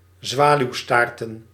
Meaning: plural of zwaluwstaart
- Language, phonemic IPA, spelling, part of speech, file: Dutch, /ˈzwalywˌstartə(n)/, zwaluwstaarten, verb / noun, Nl-zwaluwstaarten.ogg